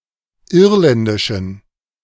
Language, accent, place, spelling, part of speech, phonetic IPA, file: German, Germany, Berlin, irländischen, adjective, [ˈɪʁlɛndɪʃn̩], De-irländischen.ogg
- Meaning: inflection of irländisch: 1. strong genitive masculine/neuter singular 2. weak/mixed genitive/dative all-gender singular 3. strong/weak/mixed accusative masculine singular 4. strong dative plural